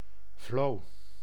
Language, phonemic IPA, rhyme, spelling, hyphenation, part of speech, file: Dutch, /vloː/, -oː, vlo, vlo, noun, Nl-vlo.ogg
- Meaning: a flea, insect of the order Siphonaptera